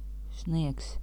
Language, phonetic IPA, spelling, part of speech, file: Latvian, [snìɛks], sniegs, noun, Lv-sniegs.ogg
- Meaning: snow (frozen water that falls as precipitation)